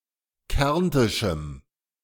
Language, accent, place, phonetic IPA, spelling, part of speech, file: German, Germany, Berlin, [ˈkɛʁntɪʃm̩], kärntischem, adjective, De-kärntischem.ogg
- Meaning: strong dative masculine/neuter singular of kärntisch